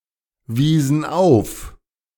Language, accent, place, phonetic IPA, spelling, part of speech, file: German, Germany, Berlin, [ˌviːzn̩ ˈaʊ̯f], wiesen auf, verb, De-wiesen auf.ogg
- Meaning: inflection of aufweisen: 1. first/third-person plural preterite 2. first/third-person plural subjunctive II